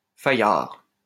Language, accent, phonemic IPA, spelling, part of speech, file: French, France, /fa.jaʁ/, fayard, noun, LL-Q150 (fra)-fayard.wav
- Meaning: beech